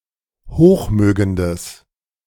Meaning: strong/mixed nominative/accusative neuter singular of hochmögend
- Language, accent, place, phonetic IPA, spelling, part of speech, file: German, Germany, Berlin, [ˈhoːxˌmøːɡəndəs], hochmögendes, adjective, De-hochmögendes.ogg